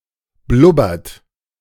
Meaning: inflection of blubbern: 1. third-person singular present 2. second-person plural present 3. plural imperative
- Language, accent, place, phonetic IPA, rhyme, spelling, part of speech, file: German, Germany, Berlin, [ˈblʊbɐt], -ʊbɐt, blubbert, verb, De-blubbert.ogg